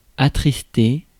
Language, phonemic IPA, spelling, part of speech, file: French, /a.tʁis.te/, attrister, verb, Fr-attrister.ogg
- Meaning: to sadden, to make sad